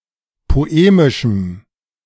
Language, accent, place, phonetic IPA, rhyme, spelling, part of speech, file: German, Germany, Berlin, [poˈeːmɪʃm̩], -eːmɪʃm̩, poemischem, adjective, De-poemischem.ogg
- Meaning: strong dative masculine/neuter singular of poemisch